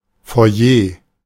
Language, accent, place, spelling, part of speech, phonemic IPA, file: German, Germany, Berlin, Foyer, noun, /fo̯aˈjeː/, De-Foyer.ogg
- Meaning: foyer, lobby